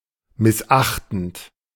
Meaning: present participle of missachten
- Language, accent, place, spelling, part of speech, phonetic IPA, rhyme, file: German, Germany, Berlin, missachtend, verb, [mɪsˈʔaxtn̩t], -axtn̩t, De-missachtend.ogg